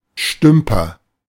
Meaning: bungler, botcher, slacker (someone who habitually performs badly, due to lack of skill or care)
- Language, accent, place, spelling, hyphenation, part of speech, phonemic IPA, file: German, Germany, Berlin, Stümper, Stüm‧per, noun, /ˈʃtʏmpɐ/, De-Stümper.ogg